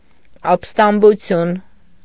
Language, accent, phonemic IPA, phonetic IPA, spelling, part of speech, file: Armenian, Eastern Armenian, /ɑp(ə)stɑmbuˈtʰjun/, [ɑp(ə)stɑmbut͡sʰjún], ապստամբություն, noun, Hy-ապստամբություն.ogg
- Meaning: rebellion, mutiny